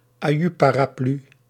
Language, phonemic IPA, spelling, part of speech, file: Dutch, /aːˈjy paː.raːˈply/, aju paraplu, interjection, Nl-aju paraplu.ogg
- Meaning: tatty bye